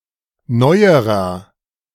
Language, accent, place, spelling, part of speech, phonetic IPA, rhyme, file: German, Germany, Berlin, neuerer, adjective, [ˈnɔɪ̯əʁɐ], -ɔɪ̯əʁɐ, De-neuerer.ogg
- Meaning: inflection of neu: 1. strong/mixed nominative masculine singular comparative degree 2. strong genitive/dative feminine singular comparative degree 3. strong genitive plural comparative degree